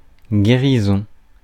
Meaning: recovery, healing
- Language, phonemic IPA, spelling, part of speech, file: French, /ɡe.ʁi.zɔ̃/, guérison, noun, Fr-guérison.ogg